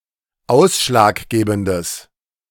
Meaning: strong/mixed nominative/accusative neuter singular of ausschlaggebend
- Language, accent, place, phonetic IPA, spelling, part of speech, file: German, Germany, Berlin, [ˈaʊ̯sʃlaːkˌɡeːbn̩dəs], ausschlaggebendes, adjective, De-ausschlaggebendes.ogg